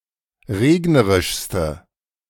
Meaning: inflection of regnerisch: 1. strong/mixed nominative/accusative feminine singular superlative degree 2. strong nominative/accusative plural superlative degree
- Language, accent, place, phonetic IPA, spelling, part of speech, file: German, Germany, Berlin, [ˈʁeːɡnəʁɪʃstə], regnerischste, adjective, De-regnerischste.ogg